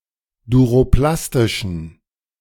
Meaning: inflection of duroplastisch: 1. strong genitive masculine/neuter singular 2. weak/mixed genitive/dative all-gender singular 3. strong/weak/mixed accusative masculine singular 4. strong dative plural
- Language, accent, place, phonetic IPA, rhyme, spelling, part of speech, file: German, Germany, Berlin, [duʁoˈplastɪʃn̩], -astɪʃn̩, duroplastischen, adjective, De-duroplastischen.ogg